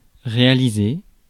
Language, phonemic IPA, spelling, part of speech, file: French, /ʁe.a.li.ze/, réaliser, verb, Fr-réaliser.ogg
- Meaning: 1. to direct (a movie) 2. to fulfill (a dream) 3. to perform (activities, task) 4. to finish making 5. to carry out, make 6. to realise/realize (to make real)